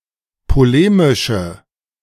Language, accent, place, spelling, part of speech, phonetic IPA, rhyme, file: German, Germany, Berlin, polemische, adjective, [poˈleːmɪʃə], -eːmɪʃə, De-polemische.ogg
- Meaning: inflection of polemisch: 1. strong/mixed nominative/accusative feminine singular 2. strong nominative/accusative plural 3. weak nominative all-gender singular